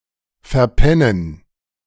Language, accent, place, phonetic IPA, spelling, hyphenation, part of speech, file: German, Germany, Berlin, [fɛɐ̯ˈpɛnən], verpennen, ver‧pen‧nen, verb, De-verpennen.ogg
- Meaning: 1. to oversleep 2. to sleep through